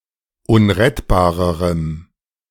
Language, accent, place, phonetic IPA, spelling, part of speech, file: German, Germany, Berlin, [ˈʊnʁɛtbaːʁəʁəm], unrettbarerem, adjective, De-unrettbarerem.ogg
- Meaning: strong dative masculine/neuter singular comparative degree of unrettbar